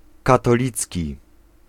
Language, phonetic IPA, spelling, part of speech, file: Polish, [ˌkatɔˈlʲit͡sʲci], katolicki, adjective, Pl-katolicki.ogg